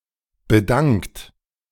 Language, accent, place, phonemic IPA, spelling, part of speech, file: German, Germany, Berlin, /bə.ˈdaŋkt/, bedankt, verb, De-bedankt.ogg
- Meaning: 1. past participle of bedanken 2. inflection of bedanken: third-person singular present 3. inflection of bedanken: second-person plural present 4. inflection of bedanken: plural imperative